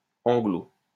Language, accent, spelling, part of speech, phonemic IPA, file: French, France, anglo-, prefix, /ɑ̃.ɡlo/, LL-Q150 (fra)-anglo-.wav
- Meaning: Anglo-